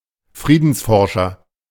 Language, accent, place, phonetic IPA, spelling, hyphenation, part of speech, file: German, Germany, Berlin, [ˈfʀiːdn̩sfɔrʃɐ], Friedensforscher, Frie‧dens‧for‧scher, noun, De-Friedensforscher.ogg
- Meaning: peace researcher